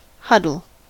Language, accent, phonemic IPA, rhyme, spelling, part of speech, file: English, US, /ˈhʌdəl/, -ʌdəl, huddle, noun / verb / adjective, En-us-huddle.ogg
- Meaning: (noun) A small group of individuals in very close proximity to one another